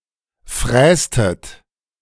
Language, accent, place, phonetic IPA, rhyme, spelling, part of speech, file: German, Germany, Berlin, [ˈfʁɛːstət], -ɛːstət, frästet, verb, De-frästet.ogg
- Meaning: inflection of fräsen: 1. second-person plural preterite 2. second-person plural subjunctive II